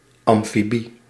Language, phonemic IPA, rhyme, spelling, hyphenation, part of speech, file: Dutch, /ˌɑm.fiˈbi/, -i, amfibie, am‧fi‧bie, noun, Nl-amfibie.ogg
- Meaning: amphibian, any member of the class Amphibia